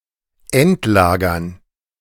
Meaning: dative plural of Endlager
- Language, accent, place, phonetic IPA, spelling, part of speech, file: German, Germany, Berlin, [ˈɛntˌlaːɡɐn], Endlagern, noun, De-Endlagern.ogg